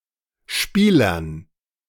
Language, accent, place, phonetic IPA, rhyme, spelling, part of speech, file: German, Germany, Berlin, [ˈʃpiːlɐn], -iːlɐn, Spielern, noun, De-Spielern.ogg
- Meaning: dative plural of Spieler